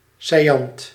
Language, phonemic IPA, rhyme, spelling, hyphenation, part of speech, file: Dutch, /saːˈjɑnt/, -ɑnt, saillant, sail‧lant, adjective / noun, Nl-saillant.ogg
- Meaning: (adjective) salient; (noun) a salient